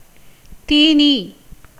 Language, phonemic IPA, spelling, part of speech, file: Tamil, /t̪iːniː/, தீனி, noun, Ta-தீனி.ogg
- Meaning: 1. snack, light refreshment 2. food for animals; fodder 3. rich, abundant food 4. quencher, fodder